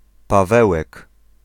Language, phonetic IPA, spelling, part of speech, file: Polish, [paˈvɛwɛk], Pawełek, proper noun, Pl-Pawełek.ogg